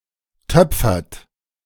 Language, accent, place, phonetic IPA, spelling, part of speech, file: German, Germany, Berlin, [ˈtœp͡fɐt], töpfert, verb, De-töpfert.ogg
- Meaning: inflection of töpfern: 1. third-person singular present 2. second-person plural present 3. plural imperative